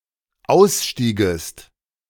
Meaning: second-person singular dependent subjunctive II of aussteigen
- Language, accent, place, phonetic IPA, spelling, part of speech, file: German, Germany, Berlin, [ˈaʊ̯sˌʃtiːɡəst], ausstiegest, verb, De-ausstiegest.ogg